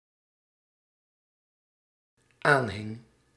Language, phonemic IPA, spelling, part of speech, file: Dutch, /ˈanhɪŋ/, aanhing, verb, Nl-aanhing.ogg
- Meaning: singular dependent-clause past indicative of aanhangen